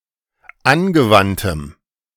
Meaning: strong dative masculine/neuter singular of angewandt
- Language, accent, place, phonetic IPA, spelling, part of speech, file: German, Germany, Berlin, [ˈanɡəˌvantəm], angewandtem, adjective, De-angewandtem.ogg